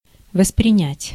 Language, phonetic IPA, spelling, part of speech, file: Russian, [vəsprʲɪˈnʲætʲ], воспринять, verb, Ru-воспринять.ogg
- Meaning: 1. to perceive, to apprehend 2. to appreciate, to take in (to be aware of)